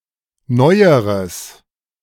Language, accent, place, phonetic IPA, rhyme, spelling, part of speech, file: German, Germany, Berlin, [ˈnɔɪ̯əʁəs], -ɔɪ̯əʁəs, neueres, adjective, De-neueres.ogg
- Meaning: strong/mixed nominative/accusative neuter singular comparative degree of neu